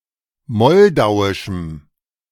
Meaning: strong dative masculine/neuter singular of moldauisch
- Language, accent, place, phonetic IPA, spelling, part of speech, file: German, Germany, Berlin, [ˈmɔldaʊ̯ɪʃm̩], moldauischem, adjective, De-moldauischem.ogg